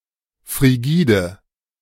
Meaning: 1. frigid (unable to take part in sexual intercourse) 2. frigid (very cold)
- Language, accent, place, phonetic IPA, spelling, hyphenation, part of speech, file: German, Germany, Berlin, [fʁiˈɡiːdə], frigide, fri‧gi‧de, adjective, De-frigide.ogg